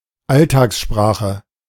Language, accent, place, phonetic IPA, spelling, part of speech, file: German, Germany, Berlin, [ˈaltaːksˌʃpʁaːxə], Alltagssprache, noun, De-Alltagssprache.ogg
- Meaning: everyday language, everyday speech, plain language